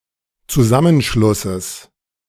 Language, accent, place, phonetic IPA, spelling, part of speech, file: German, Germany, Berlin, [t͡suˈzamənˌʃlʊsəs], Zusammenschlusses, noun, De-Zusammenschlusses.ogg
- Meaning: genitive singular of Zusammenschluss